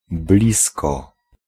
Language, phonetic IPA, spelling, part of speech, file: Polish, [ˈblʲiskɔ], blisko, adverb / preposition / particle, Pl-blisko.ogg